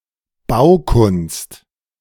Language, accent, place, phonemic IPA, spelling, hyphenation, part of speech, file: German, Germany, Berlin, /ˈbaʊ̯kʊnst/, Baukunst, Bau‧kunst, noun, De-Baukunst.ogg
- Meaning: architecture